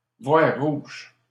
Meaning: to see red; to become furious
- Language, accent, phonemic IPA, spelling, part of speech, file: French, Canada, /vwaʁ ʁuʒ/, voir rouge, verb, LL-Q150 (fra)-voir rouge.wav